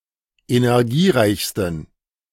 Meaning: 1. superlative degree of energiereich 2. inflection of energiereich: strong genitive masculine/neuter singular superlative degree
- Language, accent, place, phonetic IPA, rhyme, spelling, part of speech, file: German, Germany, Berlin, [enɛʁˈɡiːˌʁaɪ̯çstn̩], -iːʁaɪ̯çstn̩, energiereichsten, adjective, De-energiereichsten.ogg